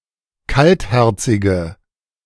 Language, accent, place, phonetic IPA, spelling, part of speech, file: German, Germany, Berlin, [ˈkaltˌhɛʁt͡sɪɡə], kaltherzige, adjective, De-kaltherzige.ogg
- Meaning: inflection of kaltherzig: 1. strong/mixed nominative/accusative feminine singular 2. strong nominative/accusative plural 3. weak nominative all-gender singular